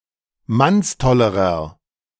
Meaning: inflection of mannstoll: 1. strong/mixed nominative masculine singular comparative degree 2. strong genitive/dative feminine singular comparative degree 3. strong genitive plural comparative degree
- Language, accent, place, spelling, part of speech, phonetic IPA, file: German, Germany, Berlin, mannstollerer, adjective, [ˈmansˌtɔləʁɐ], De-mannstollerer.ogg